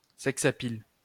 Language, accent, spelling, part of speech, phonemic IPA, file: French, France, sex appeal, noun, /sɛk.s‿a.pil/, LL-Q150 (fra)-sex appeal.wav
- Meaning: sex appeal